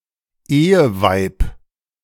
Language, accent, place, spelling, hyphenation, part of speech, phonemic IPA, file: German, Germany, Berlin, Eheweib, Ehe‧weib, noun, /ˈeːəˌvaɪ̯p/, De-Eheweib.ogg
- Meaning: wife